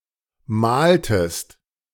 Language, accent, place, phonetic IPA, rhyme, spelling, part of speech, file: German, Germany, Berlin, [ˈmaːltəst], -aːltəst, mahltest, verb, De-mahltest.ogg
- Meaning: inflection of mahlen: 1. second-person singular preterite 2. second-person singular subjunctive II